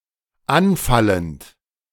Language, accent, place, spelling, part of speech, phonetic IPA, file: German, Germany, Berlin, anfallend, verb, [ˈanˌfalənt], De-anfallend.ogg
- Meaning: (verb) present participle of anfallen; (adjective) 1. accruing, arising 2. contingent, incidental